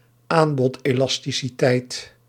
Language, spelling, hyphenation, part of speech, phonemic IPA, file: Dutch, aanbodelasticiteit, aan‧bod‧elas‧ti‧ci‧teit, noun, /ˈaːn.bɔt.eː.lɑs.ti.siˌtɛi̯t/, Nl-aanbodelasticiteit.ogg
- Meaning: supply elasticity